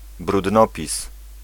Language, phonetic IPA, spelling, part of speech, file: Polish, [brudˈnɔpʲis], brudnopis, noun, Pl-brudnopis.ogg